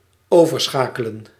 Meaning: to switch over
- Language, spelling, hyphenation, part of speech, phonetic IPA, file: Dutch, overschakelen, over‧scha‧ke‧len, verb, [ˈoː.vərˌsxaː.kə.lə(n)], Nl-overschakelen.ogg